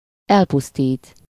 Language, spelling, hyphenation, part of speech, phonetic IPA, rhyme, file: Hungarian, elpusztít, el‧pusz‧tít, verb, [ˈɛlpustiːt], -iːt, Hu-elpusztít.ogg
- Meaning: 1. to destroy, to ruin 2. to devastate 3. to kill, to exterminate